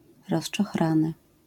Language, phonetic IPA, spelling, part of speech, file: Polish, [ˌrɔʃt͡ʃɔxˈrãnɨ], rozczochrany, adjective / verb, LL-Q809 (pol)-rozczochrany.wav